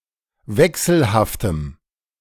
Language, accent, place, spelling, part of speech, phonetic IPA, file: German, Germany, Berlin, wechselhaftem, adjective, [ˈvɛksl̩haftəm], De-wechselhaftem.ogg
- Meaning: strong dative masculine/neuter singular of wechselhaft